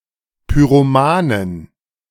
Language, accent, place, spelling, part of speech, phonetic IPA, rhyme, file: German, Germany, Berlin, Pyromanen, noun, [pyʁoˈmaːnən], -aːnən, De-Pyromanen.ogg
- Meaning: 1. genitive singular of Pyromane 2. plural of Pyromane